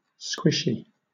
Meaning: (adjective) 1. Yielding easily to pressure; very soft 2. Yielding easily to pressure; very soft.: Soft and wet 3. Subjective or vague 4. Politically moderate
- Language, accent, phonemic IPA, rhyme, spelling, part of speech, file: English, Southern England, /ˈskwɪʃi/, -ɪʃi, squishy, adjective / noun, LL-Q1860 (eng)-squishy.wav